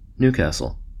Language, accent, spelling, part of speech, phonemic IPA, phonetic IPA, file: English, US, Newcastle, proper noun, /ˈn(j)uˌkæsl̩/, [ˈn(j)uˌkʰæsɫ̩], En-us-Newcastle.ogg
- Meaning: One of several large cities: 1. A large city and metropolitan borough of Tyne and Wear, in northeastern England 2. A large city in New South Wales, Australia, situated at the mouth of the Hunter River